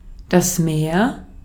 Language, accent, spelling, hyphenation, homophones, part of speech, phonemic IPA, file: German, Austria, Meer, Meer, mehr, noun, /meːr/, De-at-Meer.ogg
- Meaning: 1. sea 2. lake